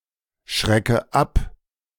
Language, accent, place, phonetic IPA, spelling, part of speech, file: German, Germany, Berlin, [ˌʃʁɛkə ˈap], schrecke ab, verb, De-schrecke ab.ogg
- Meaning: inflection of abschrecken: 1. first-person singular present 2. first/third-person singular subjunctive I 3. singular imperative